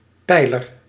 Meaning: 1. pillar (large post, vertical support structure) 2. pillar (essential support or principle)
- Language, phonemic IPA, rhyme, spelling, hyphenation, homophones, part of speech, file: Dutch, /ˈpɛi̯.lər/, -ɛi̯lər, pijler, pij‧ler, peiler, noun, Nl-pijler.ogg